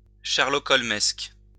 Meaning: Sherlock Holmesish
- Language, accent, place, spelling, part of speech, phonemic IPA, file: French, France, Lyon, sherlockholmesque, adjective, /ʃɛʁ.lɔ.kɔl.mɛsk/, LL-Q150 (fra)-sherlockholmesque.wav